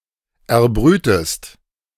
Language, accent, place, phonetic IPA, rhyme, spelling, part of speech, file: German, Germany, Berlin, [ɛɐ̯ˈbʁyːtəst], -yːtəst, erbrütest, verb, De-erbrütest.ogg
- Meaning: inflection of erbrüten: 1. second-person singular present 2. second-person singular subjunctive I